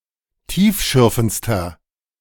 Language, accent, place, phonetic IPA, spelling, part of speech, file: German, Germany, Berlin, [ˈtiːfˌʃʏʁfn̩t͡stɐ], tiefschürfendster, adjective, De-tiefschürfendster.ogg
- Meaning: inflection of tiefschürfend: 1. strong/mixed nominative masculine singular superlative degree 2. strong genitive/dative feminine singular superlative degree